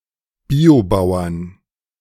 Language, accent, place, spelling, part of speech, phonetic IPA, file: German, Germany, Berlin, Biobauern, noun, [ˈbiːoˌbaʊ̯ɐn], De-Biobauern.ogg
- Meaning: 1. genitive singular of Biobauer 2. plural of Biobauer